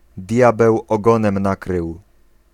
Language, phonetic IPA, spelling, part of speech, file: Polish, [ˈdʲjabɛw ɔˈɡɔ̃nɛ̃m ˈnakrɨw], diabeł ogonem nakrył, phrase, Pl-diabeł ogonem nakrył.ogg